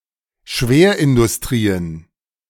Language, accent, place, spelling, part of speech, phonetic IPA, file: German, Germany, Berlin, Schwerindustrien, noun, [ˈʃveːɐ̯ʔɪndʊsˌtʁiːən], De-Schwerindustrien.ogg
- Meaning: plural of Schwerindustrie